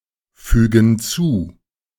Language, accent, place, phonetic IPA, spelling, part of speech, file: German, Germany, Berlin, [ˌfyːɡn̩ ˈt͡suː], fügen zu, verb, De-fügen zu.ogg
- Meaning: inflection of zufügen: 1. first/third-person plural present 2. first/third-person plural subjunctive I